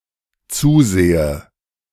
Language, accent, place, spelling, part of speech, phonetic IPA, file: German, Germany, Berlin, zusehe, verb, [ˈt͡suːˌzeːə], De-zusehe.ogg
- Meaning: inflection of zusehen: 1. first-person singular dependent present 2. first/third-person singular dependent subjunctive I